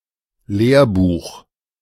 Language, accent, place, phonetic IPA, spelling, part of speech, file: German, Germany, Berlin, [ˈleːɐ̯buːx], Lehrbuch, noun, De-Lehrbuch.ogg
- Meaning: textbook